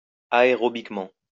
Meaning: aerobically
- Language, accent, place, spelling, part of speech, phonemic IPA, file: French, France, Lyon, aérobiquement, adverb, /a.e.ʁɔ.bik.mɑ̃/, LL-Q150 (fra)-aérobiquement.wav